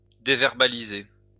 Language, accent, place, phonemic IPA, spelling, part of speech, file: French, France, Lyon, /de.vɛʁ.ba.li.ze/, déverbaliser, verb, LL-Q150 (fra)-déverbaliser.wav
- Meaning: to deverbalize